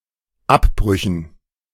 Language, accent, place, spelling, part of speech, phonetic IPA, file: German, Germany, Berlin, Abbrüchen, noun, [ˈapˌbʁʏçn̩], De-Abbrüchen.ogg
- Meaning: dative plural of Abbruch